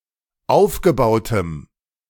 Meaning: strong dative masculine/neuter singular of aufgebaut
- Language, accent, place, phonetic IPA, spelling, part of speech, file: German, Germany, Berlin, [ˈaʊ̯fɡəˌbaʊ̯təm], aufgebautem, adjective, De-aufgebautem.ogg